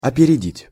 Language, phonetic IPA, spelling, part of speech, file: Russian, [ɐpʲɪrʲɪˈdʲitʲ], опередить, verb, Ru-опередить.ogg
- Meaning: 1. to pass ahead, to take a lead, to outstrip, to leave behind 2. to do something ahead of someone; to beat someone to the punch 3. to outdo, to surpass